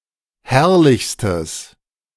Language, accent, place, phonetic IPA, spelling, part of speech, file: German, Germany, Berlin, [ˈhɛʁlɪçstəs], herrlichstes, adjective, De-herrlichstes.ogg
- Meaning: strong/mixed nominative/accusative neuter singular superlative degree of herrlich